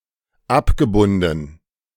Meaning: past participle of abbinden
- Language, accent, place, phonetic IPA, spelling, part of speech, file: German, Germany, Berlin, [ˈapɡəˌbʊndn̩], abgebunden, verb, De-abgebunden.ogg